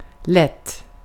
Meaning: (adjective) 1. light; of low weight 2. light, lean, low-fat; containing only small amounts of fat
- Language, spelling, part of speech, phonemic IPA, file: Swedish, lätt, adjective / adverb, /lɛt/, Sv-lätt.ogg